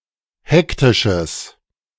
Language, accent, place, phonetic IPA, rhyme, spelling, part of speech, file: German, Germany, Berlin, [ˈhɛktɪʃəs], -ɛktɪʃəs, hektisches, adjective, De-hektisches.ogg
- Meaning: strong/mixed nominative/accusative neuter singular of hektisch